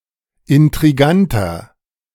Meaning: 1. comparative degree of intrigant 2. inflection of intrigant: strong/mixed nominative masculine singular 3. inflection of intrigant: strong genitive/dative feminine singular
- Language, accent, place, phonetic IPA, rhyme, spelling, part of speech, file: German, Germany, Berlin, [ɪntʁiˈɡantɐ], -antɐ, intriganter, adjective, De-intriganter.ogg